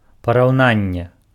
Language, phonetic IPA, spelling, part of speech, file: Belarusian, [parau̯ˈnanʲːe], параўнанне, noun, Be-параўнанне.ogg
- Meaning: 1. comparison, congruence 2. simile